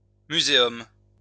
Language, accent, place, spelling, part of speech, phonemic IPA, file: French, France, Lyon, muséum, noun, /my.ze.ɔm/, LL-Q150 (fra)-muséum.wav
- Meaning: a scientific museum, like that of natural history